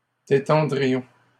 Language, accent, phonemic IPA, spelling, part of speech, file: French, Canada, /de.tɑ̃.dʁi.jɔ̃/, détendrions, verb, LL-Q150 (fra)-détendrions.wav
- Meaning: first-person plural conditional of détendre